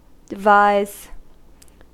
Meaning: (verb) 1. To use one’s intellect to plan or design (something) 2. To leave (property) in a will 3. To form a scheme; to lay a plan; to contrive; to consider 4. To plan or scheme for; to plot to obtain
- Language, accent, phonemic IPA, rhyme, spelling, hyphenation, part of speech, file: English, US, /dɪˈvaɪz/, -aɪz, devise, de‧vise, verb / noun, En-us-devise.ogg